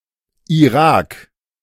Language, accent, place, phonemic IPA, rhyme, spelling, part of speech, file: German, Germany, Berlin, /iˈʁaːk/, -aːk, Irak, proper noun, De-Irak.ogg
- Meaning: Iraq (a country in West Asia in the Middle East)